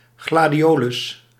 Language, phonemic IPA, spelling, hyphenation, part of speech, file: Dutch, /ˌɣlaː.diˈoː.lʏs/, gladiolus, gla‧di‧o‧lus, noun, Nl-gladiolus.ogg
- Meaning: dated form of gladiool (“gladiolus, gladiola”)